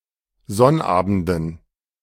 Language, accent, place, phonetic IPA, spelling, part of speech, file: German, Germany, Berlin, [ˈzɔnˌʔaːbn̩dən], Sonnabenden, noun, De-Sonnabenden.ogg
- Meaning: dative plural of Sonnabend